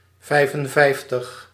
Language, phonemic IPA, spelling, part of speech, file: Dutch, /ˈvɛi̯fənˌvɛi̯ftəx/, vijfenvijftig, numeral, Nl-vijfenvijftig.ogg
- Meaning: fifty-five